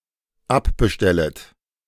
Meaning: second-person plural dependent subjunctive I of abbestellen
- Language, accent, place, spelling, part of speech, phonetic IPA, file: German, Germany, Berlin, abbestellet, verb, [ˈapbəˌʃtɛlət], De-abbestellet.ogg